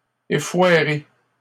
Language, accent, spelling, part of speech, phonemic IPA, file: French, Canada, effoirés, verb, /e.fwa.ʁe/, LL-Q150 (fra)-effoirés.wav
- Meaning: masculine plural of effoiré